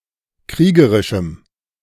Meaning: strong dative masculine/neuter singular of kriegerisch
- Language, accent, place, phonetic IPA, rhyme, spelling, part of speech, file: German, Germany, Berlin, [ˈkʁiːɡəʁɪʃm̩], -iːɡəʁɪʃm̩, kriegerischem, adjective, De-kriegerischem.ogg